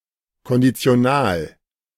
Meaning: conditional (mood)
- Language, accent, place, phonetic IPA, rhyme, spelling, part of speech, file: German, Germany, Berlin, [kɔndit͡si̯oˈnaːl], -aːl, Konditional, noun, De-Konditional.ogg